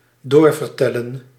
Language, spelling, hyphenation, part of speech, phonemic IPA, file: Dutch, doorvertellen, door‧ver‧tel‧len, verb, /ˈdoːrvərˌtɛlə(n)/, Nl-doorvertellen.ogg
- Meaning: 1. to continue telling (a story) 2. to pass on (by word of mouth)